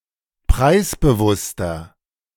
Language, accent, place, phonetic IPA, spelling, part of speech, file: German, Germany, Berlin, [ˈpʁaɪ̯sbəˌvʊstɐ], preisbewusster, adjective, De-preisbewusster.ogg
- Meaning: 1. comparative degree of preisbewusst 2. inflection of preisbewusst: strong/mixed nominative masculine singular 3. inflection of preisbewusst: strong genitive/dative feminine singular